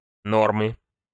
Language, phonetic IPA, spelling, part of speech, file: Russian, [ˈnormɨ], нормы, noun, Ru-нормы.ogg
- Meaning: inflection of но́рма (nórma): 1. genitive singular 2. nominative/accusative plural